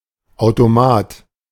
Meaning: 1. automaton, machine 2. vending machine (short for the lengthy and unusual Verkaufsautomat) 3. cashpoint, cash machine (short for Geldautomat)
- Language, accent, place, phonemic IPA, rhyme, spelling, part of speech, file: German, Germany, Berlin, /ˌaʊ̯toˈmaːt/, -aːt, Automat, noun, De-Automat.ogg